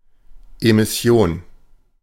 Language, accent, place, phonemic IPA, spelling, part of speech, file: German, Germany, Berlin, /emɪˈsi̯oːn/, Emission, noun, De-Emission.ogg
- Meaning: 1. emission 2. issue, launch